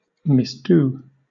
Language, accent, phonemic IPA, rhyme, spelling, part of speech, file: English, Southern England, /mɪsˈduː/, -uː, misdo, verb, LL-Q1860 (eng)-misdo.wav
- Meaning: 1. To do evil; to commit misdeeds 2. To do (something) incorrectly or improperly 3. To do harm to; to injure, mistreat